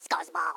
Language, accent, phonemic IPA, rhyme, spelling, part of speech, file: English, US, /ˈskʌzbɔl/, -ʌzbɔl, scuzzball, noun, En-us-scuzzball.ogg
- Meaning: Someone who does nasty things or plays harmful tricks; a person of very low ethics; a lowlife